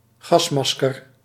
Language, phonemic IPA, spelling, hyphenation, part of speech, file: Dutch, /ˈɣɑsˌmɑs.kər/, gasmasker, gas‧mas‧ker, noun, Nl-gasmasker.ogg
- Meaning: gas mask